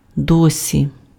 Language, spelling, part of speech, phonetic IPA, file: Ukrainian, досі, adverb, [ˈdɔsʲi], Uk-досі.ogg
- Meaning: so far, thus far, up to now, hitherto